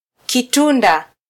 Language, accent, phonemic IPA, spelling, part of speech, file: Swahili, Kenya, /kiˈtu.ⁿdɑ/, kitunda, noun, Sw-ke-kitunda.flac
- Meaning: pawn